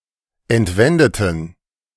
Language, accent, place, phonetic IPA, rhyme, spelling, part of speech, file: German, Germany, Berlin, [ɛntˈvɛndətn̩], -ɛndətn̩, entwendeten, adjective / verb, De-entwendeten.ogg
- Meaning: inflection of entwenden: 1. first/third-person plural preterite 2. first/third-person plural subjunctive II